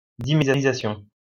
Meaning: dimerization
- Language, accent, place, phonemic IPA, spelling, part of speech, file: French, France, Lyon, /di.me.ʁi.za.sjɔ̃/, dimérisation, noun, LL-Q150 (fra)-dimérisation.wav